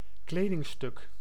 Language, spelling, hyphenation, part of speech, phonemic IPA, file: Dutch, kledingstuk, kle‧ding‧stuk, noun, /ˈkleːdɪŋˌstʏk/, Nl-kledingstuk.ogg
- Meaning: a garment, a single item/article of clothing